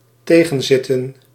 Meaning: 1. to go wrong 2. to be harder or less pleasant than expected
- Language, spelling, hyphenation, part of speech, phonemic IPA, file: Dutch, tegenzitten, te‧gen‧zit‧ten, verb, /ˈteː.ɣə(n)ˌzɪtə(n)/, Nl-tegenzitten.ogg